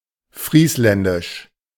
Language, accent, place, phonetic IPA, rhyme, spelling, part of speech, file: German, Germany, Berlin, [ˈfʁiːslɛndɪʃ], -iːslɛndɪʃ, friesländisch, adjective, De-friesländisch.ogg
- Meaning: Frisian